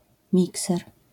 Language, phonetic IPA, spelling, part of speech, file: Polish, [ˈmʲiksɛr], mikser, noun, LL-Q809 (pol)-mikser.wav